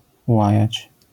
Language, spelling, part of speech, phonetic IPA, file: Polish, łajać, verb, [ˈwajät͡ɕ], LL-Q809 (pol)-łajać.wav